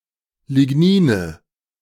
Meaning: nominative/accusative/genitive plural of Lignin
- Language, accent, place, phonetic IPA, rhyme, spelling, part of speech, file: German, Germany, Berlin, [lɪˈɡniːnə], -iːnə, Lignine, noun, De-Lignine.ogg